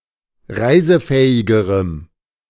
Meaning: strong dative masculine/neuter singular comparative degree of reisefähig
- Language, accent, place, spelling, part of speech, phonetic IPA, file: German, Germany, Berlin, reisefähigerem, adjective, [ˈʁaɪ̯zəˌfɛːɪɡəʁəm], De-reisefähigerem.ogg